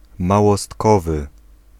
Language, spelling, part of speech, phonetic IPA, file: Polish, małostkowy, adjective, [ˌmawɔˈstkɔvɨ], Pl-małostkowy.ogg